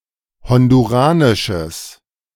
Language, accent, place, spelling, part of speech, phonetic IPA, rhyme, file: German, Germany, Berlin, honduranisches, adjective, [ˌhɔnduˈʁaːnɪʃəs], -aːnɪʃəs, De-honduranisches.ogg
- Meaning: strong/mixed nominative/accusative neuter singular of honduranisch